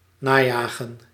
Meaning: to pursue
- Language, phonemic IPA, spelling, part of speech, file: Dutch, /ˈnaːˌjaːɣə(n)/, najagen, verb, Nl-najagen.ogg